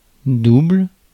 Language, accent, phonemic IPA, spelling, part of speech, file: French, France, /dubl/, double, adjective / noun / verb, Fr-double.ogg
- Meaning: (adjective) 1. double (all senses), two 2. sixteenth note; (noun) 1. double (twice the number, amount, etc.) 2. duplicate (an identical copy) 3. double